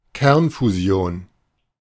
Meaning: nuclear fusion
- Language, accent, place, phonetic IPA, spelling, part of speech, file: German, Germany, Berlin, [ˈkɛʁnfuˌzi̯oːn], Kernfusion, noun, De-Kernfusion.ogg